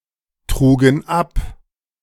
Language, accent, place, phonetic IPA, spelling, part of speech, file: German, Germany, Berlin, [ˌtʁuːɡn̩ ˈap], trugen ab, verb, De-trugen ab.ogg
- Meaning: first/third-person plural preterite of abtragen